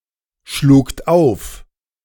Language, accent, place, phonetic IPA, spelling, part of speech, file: German, Germany, Berlin, [ʃluːkt ˈaʊ̯f], schlugt auf, verb, De-schlugt auf.ogg
- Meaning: second-person plural preterite of aufschlagen